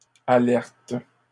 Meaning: third-person plural present indicative/subjunctive of alerter
- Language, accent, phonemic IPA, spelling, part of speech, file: French, Canada, /a.lɛʁt/, alertent, verb, LL-Q150 (fra)-alertent.wav